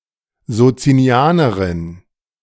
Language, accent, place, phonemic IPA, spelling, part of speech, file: German, Germany, Berlin, /zotsiniˈaːnɐʁɪn/, Sozinianerin, noun, De-Sozinianerin.ogg
- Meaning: female equivalent of Sozinianer (“Socinian”)